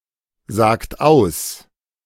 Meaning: inflection of aussagen: 1. third-person singular present 2. second-person plural present 3. plural imperative
- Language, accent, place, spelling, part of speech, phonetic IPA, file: German, Germany, Berlin, sagt aus, verb, [ˌzaːkt ˈaʊ̯s], De-sagt aus.ogg